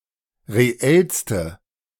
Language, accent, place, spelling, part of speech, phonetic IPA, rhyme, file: German, Germany, Berlin, reellste, adjective, [ʁeˈɛlstə], -ɛlstə, De-reellste.ogg
- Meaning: inflection of reell: 1. strong/mixed nominative/accusative feminine singular superlative degree 2. strong nominative/accusative plural superlative degree